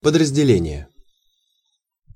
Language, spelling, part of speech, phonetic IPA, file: Russian, подразделение, noun, [pədrəzʲdʲɪˈlʲenʲɪje], Ru-подразделение.ogg
- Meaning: subdivision, sub-unit (refers to subordinate units such as the battalions, companies or platoons of a rifle regiment, or the battalions or batteries of an artillery regiment, etc.)